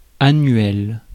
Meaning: 1. annual, yearly 2. annual (with only one growing season)
- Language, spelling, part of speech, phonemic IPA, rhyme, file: French, annuel, adjective, /a.nɥɛl/, -ɥɛl, Fr-annuel.ogg